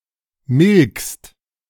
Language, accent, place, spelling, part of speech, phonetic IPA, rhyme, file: German, Germany, Berlin, milkst, verb, [mɪlkst], -ɪlkst, De-milkst.ogg
- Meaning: second-person singular present of melken